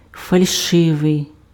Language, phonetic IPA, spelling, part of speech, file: Ukrainian, [fɐlʲˈʃɪʋei̯], фальшивий, adjective, Uk-фальшивий.ogg
- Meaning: 1. false (not true) 2. false, fake, forged, counterfeit (not genuine)